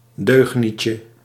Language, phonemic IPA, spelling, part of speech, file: Dutch, /ˈdøxnicə/, deugnietje, noun, Nl-deugnietje.ogg
- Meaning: diminutive of deugniet